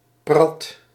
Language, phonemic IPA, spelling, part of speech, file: Dutch, /prɑt/, prat, adjective, Nl-prat.ogg
- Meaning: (adjective) 1. focused, bent, fixated 2. proud, haughty, arrogant; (noun) 1. a pride, arrogance 2. the act of pouting or sulking